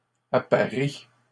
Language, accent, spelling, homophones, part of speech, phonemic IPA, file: French, Canada, apparies, apparie / apparient, verb, /a.pa.ʁi/, LL-Q150 (fra)-apparies.wav
- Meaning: second-person singular present indicative/subjunctive of apparier